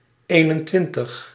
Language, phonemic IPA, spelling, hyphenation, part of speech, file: Dutch, /ˈeː.nənˌtʋɪn.təx/, eenentwintig, een‧en‧twin‧tig, numeral, Nl-eenentwintig.ogg
- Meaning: twenty-one